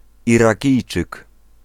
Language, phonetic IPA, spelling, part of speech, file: Polish, [ˌiraˈcijt͡ʃɨk], Irakijczyk, noun, Pl-Irakijczyk.ogg